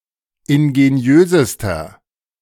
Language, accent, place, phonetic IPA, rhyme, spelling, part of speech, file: German, Germany, Berlin, [ɪnɡeˈni̯øːzəstɐ], -øːzəstɐ, ingeniösester, adjective, De-ingeniösester.ogg
- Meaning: inflection of ingeniös: 1. strong/mixed nominative masculine singular superlative degree 2. strong genitive/dative feminine singular superlative degree 3. strong genitive plural superlative degree